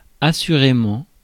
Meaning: 1. assuredly, in an assured fashion 2. to be sure
- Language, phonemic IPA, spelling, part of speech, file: French, /a.sy.ʁe.mɑ̃/, assurément, adverb, Fr-assurément.ogg